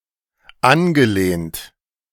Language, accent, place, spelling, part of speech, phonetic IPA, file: German, Germany, Berlin, angelehnt, verb, [ˈanɡəˌleːnt], De-angelehnt.ogg
- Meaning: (verb) past participle of anlehnen; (adjective) ajar, to (slightly open)